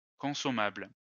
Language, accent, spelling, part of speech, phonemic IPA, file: French, France, consommable, adjective, /kɔ̃.sɔ.mabl/, LL-Q150 (fra)-consommable.wav
- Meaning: 1. consumable, edible 2. expendable